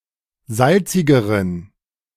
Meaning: inflection of salzig: 1. strong genitive masculine/neuter singular comparative degree 2. weak/mixed genitive/dative all-gender singular comparative degree
- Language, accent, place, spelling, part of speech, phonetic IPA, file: German, Germany, Berlin, salzigeren, adjective, [ˈzalt͡sɪɡəʁən], De-salzigeren.ogg